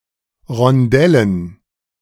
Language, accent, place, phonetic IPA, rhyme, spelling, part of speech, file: German, Germany, Berlin, [ʁɔnˈdɛlən], -ɛlən, Rondellen, noun, De-Rondellen.ogg
- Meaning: dative plural of Rondell